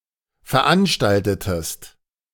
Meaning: inflection of veranstalten: 1. second-person singular preterite 2. second-person singular subjunctive II
- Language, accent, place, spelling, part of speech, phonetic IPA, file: German, Germany, Berlin, veranstaltetest, verb, [fɛɐ̯ˈʔanʃtaltətəst], De-veranstaltetest.ogg